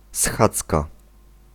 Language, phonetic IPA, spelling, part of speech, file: Polish, [ˈsxat͡ska], schadzka, noun, Pl-schadzka.ogg